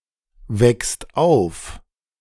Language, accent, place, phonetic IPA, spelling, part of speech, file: German, Germany, Berlin, [ˌvɛkst ˈaʊ̯f], wächst auf, verb, De-wächst auf.ogg
- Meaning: second/third-person singular present of aufwachsen